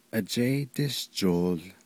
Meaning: heart
- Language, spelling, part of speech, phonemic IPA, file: Navajo, ajéídíshjool, noun, /ʔɑ̀t͡ʃɛ́ɪ́tɪ́ʃt͡ʃòːl/, Nv-ajéídíshjool.ogg